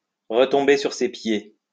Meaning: to land on one's feet, to fall on one's feet
- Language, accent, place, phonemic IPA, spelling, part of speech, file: French, France, Lyon, /ʁə.tɔ̃.be syʁ se pje/, retomber sur ses pieds, verb, LL-Q150 (fra)-retomber sur ses pieds.wav